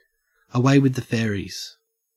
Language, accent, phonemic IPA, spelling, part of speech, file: English, Australia, /əˈweɪ wɪð ðə ˈfɛəɹɪːz/, away with the fairies, adjective, En-au-away with the fairies.ogg
- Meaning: 1. Not all there; slightly crazy 2. Synonym of lost in thought; distracted or daydreaming 3. Fast asleep